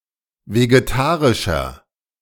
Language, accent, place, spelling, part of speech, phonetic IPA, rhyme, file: German, Germany, Berlin, vegetarischer, adjective, [veɡeˈtaːʁɪʃɐ], -aːʁɪʃɐ, De-vegetarischer.ogg
- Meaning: inflection of vegetarisch: 1. strong/mixed nominative masculine singular 2. strong genitive/dative feminine singular 3. strong genitive plural